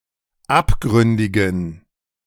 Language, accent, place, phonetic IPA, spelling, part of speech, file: German, Germany, Berlin, [ˈapˌɡʁʏndɪɡn̩], abgründigen, adjective, De-abgründigen.ogg
- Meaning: inflection of abgründig: 1. strong genitive masculine/neuter singular 2. weak/mixed genitive/dative all-gender singular 3. strong/weak/mixed accusative masculine singular 4. strong dative plural